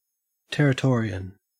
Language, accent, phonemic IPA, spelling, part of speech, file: English, Australia, /ˌtɛɹɪˈtɔːɹi.ən/, Territorian, noun, En-au-Territorian.ogg
- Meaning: A native or inhabitant of the Northern Territory, Australia